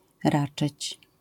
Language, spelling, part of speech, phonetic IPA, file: Polish, raczyć, verb, [ˈrat͡ʃɨt͡ɕ], LL-Q809 (pol)-raczyć.wav